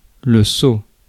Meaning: seal (pattern; design)
- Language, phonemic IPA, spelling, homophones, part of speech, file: French, /so/, sceau, saut / sauts / sceaux / seau / sot, noun, Fr-sceau.ogg